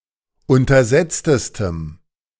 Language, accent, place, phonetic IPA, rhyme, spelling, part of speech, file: German, Germany, Berlin, [ˌʊntɐˈzɛt͡stəstəm], -ɛt͡stəstəm, untersetztestem, adjective, De-untersetztestem.ogg
- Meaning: strong dative masculine/neuter singular superlative degree of untersetzt